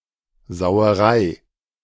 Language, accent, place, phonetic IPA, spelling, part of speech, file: German, Germany, Berlin, [zaʊ̯əˈʁaɪ̯], Sauerei, noun, De-Sauerei.ogg
- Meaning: synonym of Schweinerei